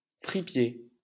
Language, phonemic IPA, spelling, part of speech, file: French, /fʁi.pje/, fripier, noun, LL-Q150 (fra)-fripier.wav
- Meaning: secondhand clothes dealer